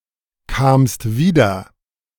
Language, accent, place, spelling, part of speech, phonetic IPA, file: German, Germany, Berlin, kamst wieder, verb, [ˌkaːmst ˈviːdɐ], De-kamst wieder.ogg
- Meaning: second-person singular preterite of wiederkommen